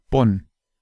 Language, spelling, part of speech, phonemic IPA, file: German, Bonn, proper noun, /bɔn/, De-Bonn.ogg
- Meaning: Bonn (an independent city in North Rhine-Westphalia, Germany, on the Rhine River; the former capital of West Germany and (until 1999) seat of government of unified Germany)